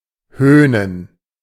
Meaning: to mock
- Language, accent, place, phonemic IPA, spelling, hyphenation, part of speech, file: German, Germany, Berlin, /ˈhøːnən/, höhnen, höh‧nen, verb, De-höhnen.ogg